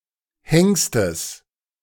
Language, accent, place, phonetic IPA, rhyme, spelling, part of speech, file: German, Germany, Berlin, [ˈhɛŋstəs], -ɛŋstəs, Hengstes, noun, De-Hengstes.ogg
- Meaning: genitive singular of Hengst